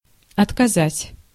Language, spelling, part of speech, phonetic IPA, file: Russian, отказать, verb, [ɐtkɐˈzatʲ], Ru-отказать.ogg
- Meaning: 1. to deny, to refuse, to decline 2. to break, to fail, to stop working 3. to bequeath, to leave